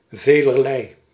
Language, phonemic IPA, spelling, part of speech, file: Dutch, /velərˈlɛi/, velerlei, pronoun, Nl-velerlei.ogg
- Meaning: many, of many sorts or types